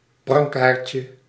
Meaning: diminutive of brancard
- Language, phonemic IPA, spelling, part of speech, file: Dutch, /brɑŋˈkarcə/, brancardje, noun, Nl-brancardje.ogg